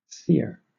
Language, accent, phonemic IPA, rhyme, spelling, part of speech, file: English, Southern England, /ˈskiːə(ɹ)/, -iːə(ɹ), skier, noun, LL-Q1860 (eng)-skier.wav
- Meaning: One who skis